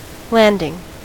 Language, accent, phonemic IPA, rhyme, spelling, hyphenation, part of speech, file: English, US, /ˈlændɪŋ/, -ændɪŋ, landing, land‧ing, noun / verb, En-us-landing.ogg
- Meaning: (noun) 1. An arrival at a surface, as of an airplane or any descending object 2. An amphibious or airborne invasion 3. A place on a shoreline where a boat lands